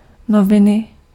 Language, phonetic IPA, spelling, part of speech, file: Czech, [ˈnovɪnɪ], noviny, noun, Cs-noviny.ogg
- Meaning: 1. inflection of novina: genitive singular 2. inflection of novina: nominative/accusative/vocative plural 3. newspaper (publication)